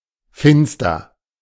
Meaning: 1. dark 2. gloomy, lowering
- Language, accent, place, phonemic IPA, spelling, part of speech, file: German, Germany, Berlin, /ˈfɪnstɐ/, finster, adjective, De-finster.ogg